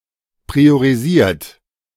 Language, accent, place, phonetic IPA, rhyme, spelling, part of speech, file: German, Germany, Berlin, [pʁioʁiˈziːɐ̯t], -iːɐ̯t, priorisiert, verb, De-priorisiert.ogg
- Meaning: 1. past participle of priorisieren 2. inflection of priorisieren: third-person singular present 3. inflection of priorisieren: second-person plural present